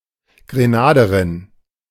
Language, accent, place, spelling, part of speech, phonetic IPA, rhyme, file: German, Germany, Berlin, Grenaderin, noun, [ɡʁeˈnaːdəʁɪn], -aːdəʁɪn, De-Grenaderin.ogg
- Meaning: female Grenadian